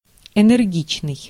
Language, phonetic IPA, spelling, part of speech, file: Russian, [ɛnɛrˈɡʲit͡ɕnɨj], энергичный, adjective, Ru-энергичный.ogg
- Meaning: 1. energetic 2. vigorous, forceful 3. drastic